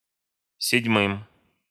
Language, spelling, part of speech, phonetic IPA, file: Russian, седьмым, noun, [sʲɪdʲˈmɨm], Ru-седьмым.ogg
- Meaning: dative plural of седьма́я (sedʹmája)